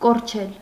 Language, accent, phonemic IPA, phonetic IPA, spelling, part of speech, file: Armenian, Eastern Armenian, /koɾˈt͡ʃʰel/, [koɾt͡ʃʰél], կորչել, verb, Hy-կորչել.ogg
- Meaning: to be lost; to get lost, be mislaid; to disappear, vanish